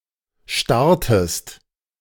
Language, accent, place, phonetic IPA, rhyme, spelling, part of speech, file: German, Germany, Berlin, [ˈʃtaʁtəst], -aʁtəst, starrtest, verb, De-starrtest.ogg
- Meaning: inflection of starren: 1. second-person singular preterite 2. second-person singular subjunctive II